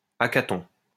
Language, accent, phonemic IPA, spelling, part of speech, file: French, France, /a.ka.tɔ̃/, hackathon, noun, LL-Q150 (fra)-hackathon.wav
- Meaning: hackathon